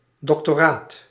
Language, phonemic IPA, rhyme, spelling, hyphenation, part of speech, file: Dutch, /ˌdɔk.toːˈraːt/, -aːt, doctoraat, doc‧to‧raat, noun, Nl-doctoraat.ogg
- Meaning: doctorate